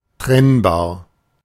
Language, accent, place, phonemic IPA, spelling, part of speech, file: German, Germany, Berlin, /ˈtʁɛnbaːɐ̯/, trennbar, adjective, De-trennbar.ogg
- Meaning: separable